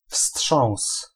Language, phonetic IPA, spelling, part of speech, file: Polish, [fsṭʃɔ̃w̃s], wstrząs, noun, Pl-wstrząs.ogg